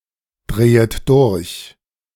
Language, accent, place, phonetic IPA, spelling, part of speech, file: German, Germany, Berlin, [ˌdʁeːət ˈdʊʁç], drehet durch, verb, De-drehet durch.ogg
- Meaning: second-person plural subjunctive I of durchdrehen